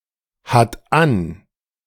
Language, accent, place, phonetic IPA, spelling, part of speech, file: German, Germany, Berlin, [ˌhat ˈan], hat an, verb, De-hat an.ogg
- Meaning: third-person singular present of anhaben